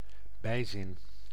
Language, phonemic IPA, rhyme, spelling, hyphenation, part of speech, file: Dutch, /ˈbɛi̯zɪn/, -ɛi̯zɪn, bijzin, bij‧zin, noun, Nl-bijzin.ogg
- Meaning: subordinate clause